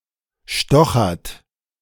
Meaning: inflection of stochern: 1. third-person singular present 2. second-person plural present 3. plural imperative
- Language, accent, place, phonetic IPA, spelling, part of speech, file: German, Germany, Berlin, [ˈʃtɔxɐt], stochert, verb, De-stochert.ogg